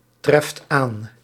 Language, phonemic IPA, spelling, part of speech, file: Dutch, /ˈtrɛft ˈan/, treft aan, verb, Nl-treft aan.ogg
- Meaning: inflection of aantreffen: 1. second/third-person singular present indicative 2. plural imperative